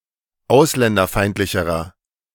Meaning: inflection of ausländerfeindlich: 1. strong/mixed nominative masculine singular comparative degree 2. strong genitive/dative feminine singular comparative degree
- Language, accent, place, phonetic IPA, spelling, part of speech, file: German, Germany, Berlin, [ˈaʊ̯slɛndɐˌfaɪ̯ntlɪçəʁɐ], ausländerfeindlicherer, adjective, De-ausländerfeindlicherer.ogg